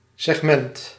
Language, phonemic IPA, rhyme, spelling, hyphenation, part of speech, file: Dutch, /sɛxˈmɛnt/, -ɛnt, segment, seg‧ment, noun, Nl-segment.ogg
- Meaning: a segment